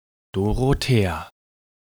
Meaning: a female given name, equivalent to English Dorothy
- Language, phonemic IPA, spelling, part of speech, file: German, /doʁoˈteːa/, Dorothea, proper noun, De-Dorothea.ogg